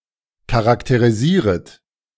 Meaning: second-person plural subjunctive I of charakterisieren
- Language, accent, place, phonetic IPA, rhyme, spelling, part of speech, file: German, Germany, Berlin, [kaʁakteʁiˈziːʁət], -iːʁət, charakterisieret, verb, De-charakterisieret.ogg